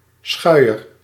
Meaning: a flat cloth brush
- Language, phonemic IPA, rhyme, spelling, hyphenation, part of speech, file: Dutch, /ˈsxœy̯.ər/, -œy̯ər, schuier, schui‧er, noun, Nl-schuier.ogg